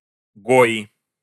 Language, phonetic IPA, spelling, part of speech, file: Russian, [ˈɡoɪ], гои, noun, Ru-гои.ogg
- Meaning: nominative plural of гой (goj)